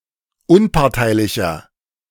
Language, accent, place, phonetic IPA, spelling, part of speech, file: German, Germany, Berlin, [ˈʊnpaʁtaɪ̯lɪçɐ], unparteilicher, adjective, De-unparteilicher.ogg
- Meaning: 1. comparative degree of unparteilich 2. inflection of unparteilich: strong/mixed nominative masculine singular 3. inflection of unparteilich: strong genitive/dative feminine singular